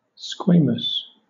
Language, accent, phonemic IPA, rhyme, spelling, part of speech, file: English, Southern England, /ˈskweɪ.məs/, -eɪməs, squamous, adjective, LL-Q1860 (eng)-squamous.wav
- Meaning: 1. Covered with, made of, or resembling scales; scaly 2. Of or pertaining to the squamosal bone; squamosal